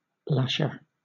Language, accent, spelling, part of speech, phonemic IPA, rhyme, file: English, Southern England, lasher, noun, /ˈlæʃə(ɹ)/, -æʃə(ɹ), LL-Q1860 (eng)-lasher.wav
- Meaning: 1. One who whips or lashes 2. A piece of rope for binding or making fast one thing to another 3. A weir in a river